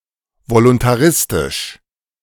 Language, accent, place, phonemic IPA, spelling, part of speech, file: German, Germany, Berlin, /volʊntaˈʁɪstɪʃ/, voluntaristisch, adjective, De-voluntaristisch.ogg
- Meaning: voluntaristic